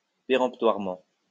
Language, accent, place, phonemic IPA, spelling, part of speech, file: French, France, Lyon, /pe.ʁɑ̃p.twaʁ.mɑ̃/, péremptoirement, adverb, LL-Q150 (fra)-péremptoirement.wav
- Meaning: peremptorily